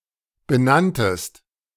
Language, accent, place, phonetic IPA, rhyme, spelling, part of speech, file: German, Germany, Berlin, [bəˈnantəst], -antəst, benanntest, verb, De-benanntest.ogg
- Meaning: second-person singular preterite of benennen